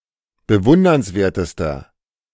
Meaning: inflection of bewundernswert: 1. strong/mixed nominative masculine singular superlative degree 2. strong genitive/dative feminine singular superlative degree
- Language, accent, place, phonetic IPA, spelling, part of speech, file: German, Germany, Berlin, [bəˈvʊndɐnsˌveːɐ̯təstɐ], bewundernswertester, adjective, De-bewundernswertester.ogg